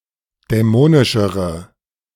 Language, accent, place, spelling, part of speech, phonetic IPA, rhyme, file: German, Germany, Berlin, dämonischere, adjective, [dɛˈmoːnɪʃəʁə], -oːnɪʃəʁə, De-dämonischere.ogg
- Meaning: inflection of dämonisch: 1. strong/mixed nominative/accusative feminine singular comparative degree 2. strong nominative/accusative plural comparative degree